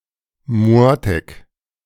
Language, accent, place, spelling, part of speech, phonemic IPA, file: German, Germany, Berlin, Mottek, noun, /ˈmɔtɛk/, De-Mottek.ogg
- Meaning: synonym of Hammer (“hammer”)